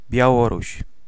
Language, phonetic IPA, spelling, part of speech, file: Polish, [bʲjaˈwɔruɕ], Białoruś, proper noun, Pl-Białoruś.ogg